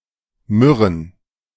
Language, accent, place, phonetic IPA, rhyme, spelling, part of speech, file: German, Germany, Berlin, [ˈmʏʁən], -ʏʁən, Myrrhen, noun, De-Myrrhen.ogg
- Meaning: plural of Myrrhe